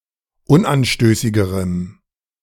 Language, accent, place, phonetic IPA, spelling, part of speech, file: German, Germany, Berlin, [ˈʊnʔanˌʃtøːsɪɡəʁəm], unanstößigerem, adjective, De-unanstößigerem.ogg
- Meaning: strong dative masculine/neuter singular comparative degree of unanstößig